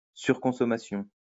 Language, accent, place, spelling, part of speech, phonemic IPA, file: French, France, Lyon, surconsommation, noun, /syʁ.kɔ̃.sɔ.ma.sjɔ̃/, LL-Q150 (fra)-surconsommation.wav
- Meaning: overconsumption